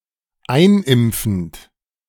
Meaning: present participle of einimpfen
- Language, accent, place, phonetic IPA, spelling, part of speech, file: German, Germany, Berlin, [ˈaɪ̯nˌʔɪmp͡fn̩t], einimpfend, verb, De-einimpfend.ogg